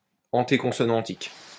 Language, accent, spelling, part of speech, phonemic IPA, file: French, France, antéconsonnantique, adjective, /ɑ̃.te.kɔ̃.sɔ.nɑ̃.tik/, LL-Q150 (fra)-antéconsonnantique.wav
- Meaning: alternative spelling of antéconsonantique